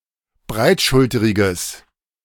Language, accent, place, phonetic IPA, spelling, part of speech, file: German, Germany, Berlin, [ˈbʁaɪ̯tˌʃʊltəʁɪɡəs], breitschulteriges, adjective, De-breitschulteriges.ogg
- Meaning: strong/mixed nominative/accusative neuter singular of breitschulterig